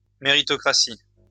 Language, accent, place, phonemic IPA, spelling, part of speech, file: French, France, Lyon, /me.ʁi.tɔ.kʁa.si/, méritocratie, noun, LL-Q150 (fra)-méritocratie.wav
- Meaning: meritocracy (rule by merit)